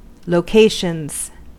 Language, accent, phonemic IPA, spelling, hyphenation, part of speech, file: English, US, /loʊˈkeɪʃənz/, locations, lo‧ca‧tions, noun, En-us-locations.ogg
- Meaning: plural of location